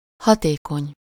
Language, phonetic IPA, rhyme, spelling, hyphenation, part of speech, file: Hungarian, [ˈhɒteːkoɲ], -oɲ, hatékony, ha‧té‧kony, adjective, Hu-hatékony.ogg
- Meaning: effective, efficient